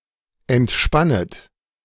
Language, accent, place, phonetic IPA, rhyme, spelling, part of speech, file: German, Germany, Berlin, [ɛntˈʃpanət], -anət, entspannet, verb, De-entspannet.ogg
- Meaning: second-person plural subjunctive I of entspannen